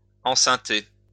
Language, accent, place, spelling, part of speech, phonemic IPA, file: French, France, Lyon, enceinter, verb, /ɑ̃.sɛ̃.te/, LL-Q150 (fra)-enceinter.wav
- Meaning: to make pregnant; to knock up